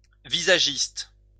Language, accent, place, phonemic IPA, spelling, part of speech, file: French, France, Lyon, /vi.za.ʒist/, visagiste, noun, LL-Q150 (fra)-visagiste.wav
- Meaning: make-up artist